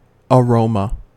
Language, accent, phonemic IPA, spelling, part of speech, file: English, US, /əˈɹoʊ.mə/, aroma, noun, En-us-aroma.ogg
- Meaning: A smell; especially a pleasant, spicy or fragrant one